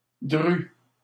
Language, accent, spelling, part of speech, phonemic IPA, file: French, Canada, dru, adjective / adverb, /dʁy/, LL-Q150 (fra)-dru.wav
- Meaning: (adjective) thick; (adverb) 1. thickly 2. heavily